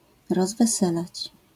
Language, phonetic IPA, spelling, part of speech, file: Polish, [ˌrɔzvɛˈsɛlat͡ɕ], rozweselać, verb, LL-Q809 (pol)-rozweselać.wav